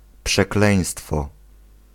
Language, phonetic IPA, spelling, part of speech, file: Polish, [pʃɛˈklɛ̃j̃stfɔ], przekleństwo, noun, Pl-przekleństwo.ogg